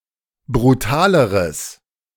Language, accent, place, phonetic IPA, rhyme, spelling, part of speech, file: German, Germany, Berlin, [bʁuˈtaːləʁəs], -aːləʁəs, brutaleres, adjective, De-brutaleres.ogg
- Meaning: strong/mixed nominative/accusative neuter singular comparative degree of brutal